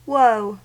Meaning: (noun) 1. Great sadness or distress; a misfortune causing such sadness 2. Calamity, trouble 3. A curse; a malediction; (adjective) Woeful; sorrowful; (interjection) An exclamation of grief
- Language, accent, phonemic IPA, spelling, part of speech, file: English, General American, /woʊ/, woe, noun / adjective / interjection, En-us-woe.ogg